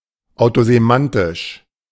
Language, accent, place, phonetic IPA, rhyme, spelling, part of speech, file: German, Germany, Berlin, [aʊ̯tozeˈmantɪʃ], -antɪʃ, autosemantisch, adjective, De-autosemantisch.ogg
- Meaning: autosemantic